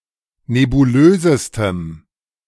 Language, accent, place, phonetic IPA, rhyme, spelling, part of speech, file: German, Germany, Berlin, [nebuˈløːzəstəm], -øːzəstəm, nebulösestem, adjective, De-nebulösestem.ogg
- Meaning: strong dative masculine/neuter singular superlative degree of nebulös